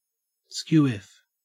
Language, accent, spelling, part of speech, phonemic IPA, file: English, Australia, skew-whiff, adjective, /ˈskjuː.(w)ɪf/, En-au-skew-whiff.ogg
- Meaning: Askew; lopsided, not straight